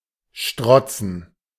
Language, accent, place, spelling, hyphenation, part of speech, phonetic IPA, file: German, Germany, Berlin, strotzen, strot‧zen, verb, [ˈʃtʁɔt͡sn̩], De-strotzen.ogg
- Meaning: to be full of, to overflow with, to teem with, etc